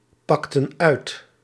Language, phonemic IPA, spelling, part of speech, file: Dutch, /ˈpɑktə(n) ˈœyt/, pakten uit, verb, Nl-pakten uit.ogg
- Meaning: inflection of uitpakken: 1. plural past indicative 2. plural past subjunctive